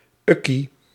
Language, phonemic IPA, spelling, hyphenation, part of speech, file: Dutch, /ˈʏ.ki/, ukkie, uk‧kie, noun, Nl-ukkie.ogg
- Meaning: diminutive of uk